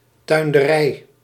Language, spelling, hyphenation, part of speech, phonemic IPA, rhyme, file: Dutch, tuinderij, tuin‧de‧rij, noun, /ˌtœy̯n.dəˈrɛi̯/, -ɛi̯, Nl-tuinderij.ogg
- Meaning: 1. horticulture 2. horticultural farm